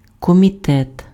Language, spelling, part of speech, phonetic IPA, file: Ukrainian, комітет, noun, [kɔmʲiˈtɛt], Uk-комітет.ogg
- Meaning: committee